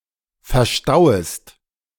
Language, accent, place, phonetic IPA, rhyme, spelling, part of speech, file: German, Germany, Berlin, [fɛɐ̯ˈʃtaʊ̯əst], -aʊ̯əst, verstauest, verb, De-verstauest.ogg
- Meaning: second-person singular subjunctive I of verstauen